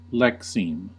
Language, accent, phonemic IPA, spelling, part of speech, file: English, US, /ˈlɛkˌsiːm/, lexeme, noun, En-us-lexeme.ogg